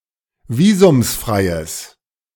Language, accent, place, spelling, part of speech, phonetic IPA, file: German, Germany, Berlin, visumsfreies, adjective, [ˈviːzʊmsˌfʁaɪ̯əs], De-visumsfreies.ogg
- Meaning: strong/mixed nominative/accusative neuter singular of visumsfrei